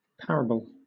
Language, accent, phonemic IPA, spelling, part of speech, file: English, Southern England, /ˈpaɹəbəl/, parable, noun / verb / adjective, LL-Q1860 (eng)-parable.wav
- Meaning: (noun) A short narrative illustrating a lesson (usually religious/moral) by comparison or analogy; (verb) To represent by parable; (adjective) That can easily be prepared or procured; obtainable